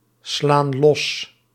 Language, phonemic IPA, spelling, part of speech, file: Dutch, /ˈslan ˈlɔs/, slaan los, verb, Nl-slaan los.ogg
- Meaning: inflection of losslaan: 1. plural present indicative 2. plural present subjunctive